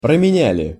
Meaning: plural past indicative perfective of променя́ть (promenjátʹ)
- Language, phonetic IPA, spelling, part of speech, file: Russian, [prəmʲɪˈnʲælʲɪ], променяли, verb, Ru-променяли.ogg